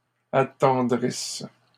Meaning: second-person singular present/imperfect subjunctive of attendrir
- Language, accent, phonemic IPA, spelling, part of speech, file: French, Canada, /a.tɑ̃.dʁis/, attendrisses, verb, LL-Q150 (fra)-attendrisses.wav